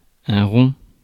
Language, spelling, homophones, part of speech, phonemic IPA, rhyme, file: French, rond, romps / rompt / ronds, adjective / noun, /ʁɔ̃/, -ɔ̃, Fr-rond.ogg
- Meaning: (adjective) 1. round (shape) 2. drunk; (noun) 1. circle 2. coin; (piece of) change, money